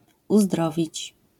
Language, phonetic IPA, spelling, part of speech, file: Polish, [uzˈdrɔvʲit͡ɕ], uzdrowić, verb, LL-Q809 (pol)-uzdrowić.wav